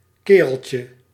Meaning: diminutive of kerel
- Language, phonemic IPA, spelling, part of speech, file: Dutch, /ˈkerəlcə/, kereltje, noun, Nl-kereltje.ogg